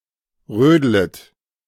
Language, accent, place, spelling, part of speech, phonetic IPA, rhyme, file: German, Germany, Berlin, rödlet, verb, [ˈʁøːdlət], -øːdlət, De-rödlet.ogg
- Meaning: second-person plural subjunctive I of rödeln